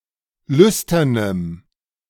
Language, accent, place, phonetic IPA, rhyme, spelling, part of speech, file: German, Germany, Berlin, [ˈlʏstɐnəm], -ʏstɐnəm, lüsternem, adjective, De-lüsternem.ogg
- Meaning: strong dative masculine/neuter singular of lüstern